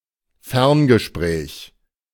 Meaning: long-distance call
- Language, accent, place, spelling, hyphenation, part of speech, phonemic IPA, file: German, Germany, Berlin, Ferngespräch, Fern‧ge‧spräch, noun, /ˈfɛʁnɡəˌʃpʁɛːç/, De-Ferngespräch.ogg